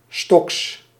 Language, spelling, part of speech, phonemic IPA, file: Dutch, stocks, noun, /stɔks/, Nl-stocks.ogg
- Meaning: plural of stock